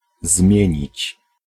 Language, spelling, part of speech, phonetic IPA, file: Polish, zmienić, verb, [ˈzmʲjɛ̇̃ɲit͡ɕ], Pl-zmienić.ogg